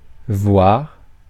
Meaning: 1. truly 2. even, indeed 3. it remains to be seen
- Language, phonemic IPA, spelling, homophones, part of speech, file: French, /vwaʁ/, voire, voir, adverb, Fr-voire.ogg